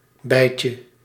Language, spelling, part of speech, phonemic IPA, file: Dutch, bijtje, noun, /ˈbɛicə/, Nl-bijtje.ogg
- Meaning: diminutive of bij